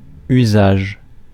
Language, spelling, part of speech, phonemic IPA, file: French, usage, noun, /y.zaʒ/, Fr-usage.ogg
- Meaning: usage, use